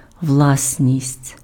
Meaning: property, belongings
- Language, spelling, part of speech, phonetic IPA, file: Ukrainian, власність, noun, [ˈwɫasʲnʲisʲtʲ], Uk-власність.ogg